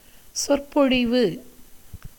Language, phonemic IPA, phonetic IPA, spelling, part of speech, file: Tamil, /tʃorpoɻɪʋɯ/, [so̞rpo̞ɻɪʋɯ], சொற்பொழிவு, noun, Ta-சொற்பொழிவு.ogg
- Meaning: discourse, oration, speech, lecture